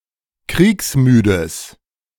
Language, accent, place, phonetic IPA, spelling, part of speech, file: German, Germany, Berlin, [ˈkʁiːksˌmyːdəs], kriegsmüdes, adjective, De-kriegsmüdes.ogg
- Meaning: strong/mixed nominative/accusative neuter singular of kriegsmüde